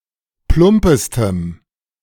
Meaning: strong dative masculine/neuter singular superlative degree of plump
- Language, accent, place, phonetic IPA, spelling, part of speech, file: German, Germany, Berlin, [ˈplʊmpəstəm], plumpestem, adjective, De-plumpestem.ogg